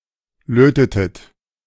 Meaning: inflection of löten: 1. second-person plural preterite 2. second-person plural subjunctive II
- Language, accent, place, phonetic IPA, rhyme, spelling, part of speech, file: German, Germany, Berlin, [ˈløːtətət], -øːtətət, lötetet, verb, De-lötetet.ogg